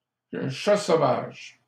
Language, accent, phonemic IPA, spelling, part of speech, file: French, Canada, /ʃa so.vaʒ/, chat sauvage, noun, LL-Q150 (fra)-chat sauvage.wav
- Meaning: 1. wildcat 2. raccoon (Procyon lotor)